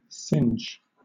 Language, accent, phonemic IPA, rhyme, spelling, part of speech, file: English, Southern England, /sɪnd͡ʒ/, -ɪndʒ, singe, verb / noun, LL-Q1860 (eng)-singe.wav
- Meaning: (verb) 1. To burn slightly 2. To remove the nap of (cloth), by passing it rapidly over a red-hot bar, or over a flame, preliminary to dyeing it